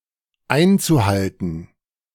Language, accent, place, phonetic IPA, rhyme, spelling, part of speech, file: German, Germany, Berlin, [ˈaɪ̯nt͡suˌhaltn̩], -aɪ̯nt͡suhaltn̩, einzuhalten, verb, De-einzuhalten.ogg
- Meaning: zu-infinitive of einhalten